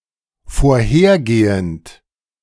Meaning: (verb) present participle of vorhergehen; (adjective) previous, preceding, antecedent, former
- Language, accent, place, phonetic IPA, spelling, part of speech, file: German, Germany, Berlin, [foːɐ̯ˈheːɐ̯ˌɡeːənt], vorhergehend, adjective / verb, De-vorhergehend.ogg